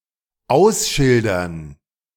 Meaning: 1. to mark with signs/plates 2. to signpost (a street, road)
- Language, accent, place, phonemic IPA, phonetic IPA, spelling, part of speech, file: German, Germany, Berlin, /ˈaʊ̯sˌʃɪldərn/, [ˈʔaʊ̯sˌʃɪl.dɐn], ausschildern, verb, De-ausschildern.ogg